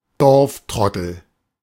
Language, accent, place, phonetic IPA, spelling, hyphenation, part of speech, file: German, Germany, Berlin, [ˈdɔʁfˌtʁɔtl̩], Dorftrottel, Dorf‧trot‧tel, noun, De-Dorftrottel.ogg
- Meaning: village idiot